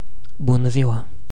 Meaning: 1. hello! 2. good day!
- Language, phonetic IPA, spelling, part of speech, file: Romanian, [ˌbu.nə ˈzi.wa], bună ziua, interjection, Ro-bună ziua.ogg